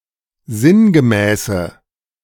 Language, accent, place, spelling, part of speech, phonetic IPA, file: German, Germany, Berlin, sinngemäße, adjective, [ˈzɪnɡəˌmɛːsə], De-sinngemäße.ogg
- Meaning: inflection of sinngemäß: 1. strong/mixed nominative/accusative feminine singular 2. strong nominative/accusative plural 3. weak nominative all-gender singular